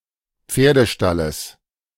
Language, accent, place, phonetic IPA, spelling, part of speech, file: German, Germany, Berlin, [ˈp͡feːɐ̯dəˌʃtaləs], Pferdestalles, noun, De-Pferdestalles.ogg
- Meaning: genitive singular of Pferdestall